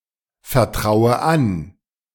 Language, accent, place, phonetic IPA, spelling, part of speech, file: German, Germany, Berlin, [fɛɐ̯ˌtʁaʊ̯ə ˈan], vertraue an, verb, De-vertraue an.ogg
- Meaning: inflection of anvertrauen: 1. first-person singular present 2. first/third-person singular subjunctive I 3. singular imperative